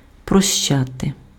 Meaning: 1. to forgive, to pardon, to excuse 2. to condone 3. to absolve
- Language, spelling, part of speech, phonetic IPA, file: Ukrainian, прощати, verb, [prɔʃˈt͡ʃate], Uk-прощати.ogg